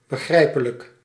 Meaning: understandable
- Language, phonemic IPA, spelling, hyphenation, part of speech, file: Dutch, /bə.ˈɣrɛi̯.pə.lək/, begrijpelijk, be‧grij‧pe‧lijk, adjective, Nl-begrijpelijk.ogg